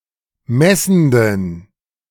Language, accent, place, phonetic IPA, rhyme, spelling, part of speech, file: German, Germany, Berlin, [ˈmɛsn̩dən], -ɛsn̩dən, messenden, adjective, De-messenden.ogg
- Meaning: inflection of messend: 1. strong genitive masculine/neuter singular 2. weak/mixed genitive/dative all-gender singular 3. strong/weak/mixed accusative masculine singular 4. strong dative plural